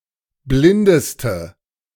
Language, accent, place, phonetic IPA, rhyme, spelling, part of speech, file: German, Germany, Berlin, [ˈblɪndəstə], -ɪndəstə, blindeste, adjective, De-blindeste.ogg
- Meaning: inflection of blind: 1. strong/mixed nominative/accusative feminine singular superlative degree 2. strong nominative/accusative plural superlative degree